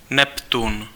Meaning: 1. Neptune (Roman god) 2. Neptune (planet)
- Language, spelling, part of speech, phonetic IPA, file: Czech, Neptun, proper noun, [ˈnɛptun], Cs-Neptun.ogg